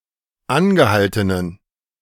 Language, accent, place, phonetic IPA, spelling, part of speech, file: German, Germany, Berlin, [ˈanɡəˌhaltənən], angehaltenen, adjective, De-angehaltenen.ogg
- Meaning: inflection of angehalten: 1. strong genitive masculine/neuter singular 2. weak/mixed genitive/dative all-gender singular 3. strong/weak/mixed accusative masculine singular 4. strong dative plural